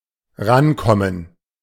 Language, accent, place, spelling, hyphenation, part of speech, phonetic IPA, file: German, Germany, Berlin, rankommen, ran‧kom‧men, verb, [ˈʁanˌkɔmən], De-rankommen.ogg
- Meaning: 1. clipping of herankommen 2. clipping of drankommen